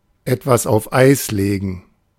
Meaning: 1. to put something on hold 2. to put something on the back burner
- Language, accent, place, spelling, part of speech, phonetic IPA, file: German, Germany, Berlin, etwas auf Eis legen, phrase, [aʊ̯f ˈaɪ̯s ˌleːɡn̩], De-etwas auf Eis legen.ogg